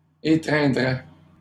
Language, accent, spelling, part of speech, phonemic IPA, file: French, Canada, étreindrait, verb, /e.tʁɛ̃.dʁɛ/, LL-Q150 (fra)-étreindrait.wav
- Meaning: third-person singular conditional of étreindre